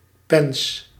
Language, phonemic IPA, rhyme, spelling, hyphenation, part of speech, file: Dutch, /pɛns/, -ɛns, pens, pens, noun, Nl-pens.ogg
- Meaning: 1. paunch, rumen 2. tripe 3. tripe filled with minced meat 4. potbelly 5. stomach